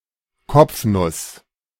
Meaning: 1. clout (blow on the head) 2. riddle, brain-teaser
- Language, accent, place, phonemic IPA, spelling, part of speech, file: German, Germany, Berlin, /ˈkɔpfnʊs/, Kopfnuss, noun, De-Kopfnuss.ogg